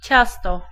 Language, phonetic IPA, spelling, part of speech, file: Polish, [ˈt͡ɕastɔ], ciasto, noun, Pl-ciasto.ogg